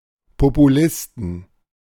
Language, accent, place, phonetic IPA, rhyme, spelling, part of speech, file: German, Germany, Berlin, [popuˈlɪstn̩], -ɪstn̩, Populisten, noun, De-Populisten.ogg
- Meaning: 1. genitive singular of Populist 2. plural of Populist